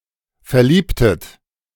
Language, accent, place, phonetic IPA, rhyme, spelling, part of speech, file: German, Germany, Berlin, [fɛɐ̯ˈliːptət], -iːptət, verliebtet, verb, De-verliebtet.ogg
- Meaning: inflection of verlieben: 1. second-person plural preterite 2. second-person plural subjunctive II